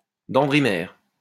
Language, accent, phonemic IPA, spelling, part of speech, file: French, France, /dɑ̃.dʁi.mɛʁ/, dendrimère, noun, LL-Q150 (fra)-dendrimère.wav
- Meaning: dendrimer